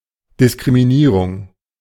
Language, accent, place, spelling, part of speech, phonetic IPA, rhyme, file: German, Germany, Berlin, Diskriminierung, noun, [dɪskʁimiˈniːʁʊŋ], -iːʁʊŋ, De-Diskriminierung.ogg
- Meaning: discrimination